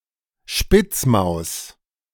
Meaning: shrew
- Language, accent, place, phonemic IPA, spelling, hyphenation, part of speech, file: German, Germany, Berlin, /ˈʃpɪt͡smaʊ̯s/, Spitzmaus, Spitz‧maus, noun, De-Spitzmaus.ogg